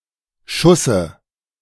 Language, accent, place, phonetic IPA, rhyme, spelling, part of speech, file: German, Germany, Berlin, [ˈʃʊsə], -ʊsə, Schusse, noun, De-Schusse.ogg
- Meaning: dative of Schuss